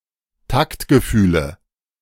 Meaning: dative of Taktgefühl
- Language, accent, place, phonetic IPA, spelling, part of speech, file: German, Germany, Berlin, [ˈtaktɡəˌfyːlə], Taktgefühle, noun, De-Taktgefühle.ogg